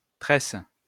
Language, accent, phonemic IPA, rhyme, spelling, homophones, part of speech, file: French, France, /tʁɛs/, -ɛs, tresse, tresses, noun / verb, LL-Q150 (fra)-tresse.wav
- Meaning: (noun) tress, braid, plait; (verb) inflection of tresser: 1. first/third-person singular present indicative/subjunctive 2. second-person singular imperative